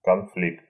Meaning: conflict (clash or disagreement)
- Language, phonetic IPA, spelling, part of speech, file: Russian, [kɐnˈflʲikt], конфликт, noun, Ru-конфликт.ogg